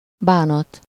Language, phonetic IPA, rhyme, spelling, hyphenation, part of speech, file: Hungarian, [ˈbaːnɒt], -ɒt, bánat, bá‧nat, noun, Hu-bánat.ogg
- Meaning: 1. repentance, regret 2. sorrow, grief, distress